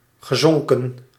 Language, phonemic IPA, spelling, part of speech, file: Dutch, /ɣəzɔŋkə(n)/, gezonken, verb / adjective, Nl-gezonken.ogg
- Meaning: past participle of zinken